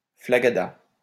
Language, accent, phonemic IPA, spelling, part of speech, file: French, France, /fla.ɡa.da/, flagada, adjective, LL-Q150 (fra)-flagada.wav
- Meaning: tired, exhausted, knackered